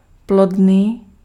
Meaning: fertile
- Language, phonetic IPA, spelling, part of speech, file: Czech, [ˈplodniː], plodný, adjective, Cs-plodný.ogg